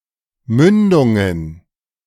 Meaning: plural of Mündung
- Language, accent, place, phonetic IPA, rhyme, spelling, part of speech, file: German, Germany, Berlin, [ˈmʏndʊŋən], -ʏndʊŋən, Mündungen, noun, De-Mündungen.ogg